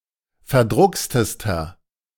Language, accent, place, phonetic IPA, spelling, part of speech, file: German, Germany, Berlin, [fɛɐ̯ˈdʁʊkstəstɐ], verdruckstester, adjective, De-verdruckstester.ogg
- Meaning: inflection of verdruckst: 1. strong/mixed nominative masculine singular superlative degree 2. strong genitive/dative feminine singular superlative degree 3. strong genitive plural superlative degree